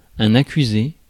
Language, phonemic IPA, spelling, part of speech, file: French, /a.ky.ze/, accusé, noun / verb, Fr-accusé.ogg
- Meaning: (noun) accused; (verb) 1. past participle of accuser 2. marked, conspicuous